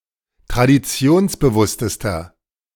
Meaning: inflection of traditionsbewusst: 1. strong/mixed nominative masculine singular superlative degree 2. strong genitive/dative feminine singular superlative degree
- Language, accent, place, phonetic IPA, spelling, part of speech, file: German, Germany, Berlin, [tʁadiˈt͡si̯oːnsbəˌvʊstəstɐ], traditionsbewusstester, adjective, De-traditionsbewusstester.ogg